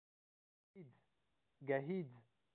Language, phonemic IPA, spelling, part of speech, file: Pashto, /ɡəhid͡z/, ګهيځ, noun, Gahidz-Kamran.ogg
- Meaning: morning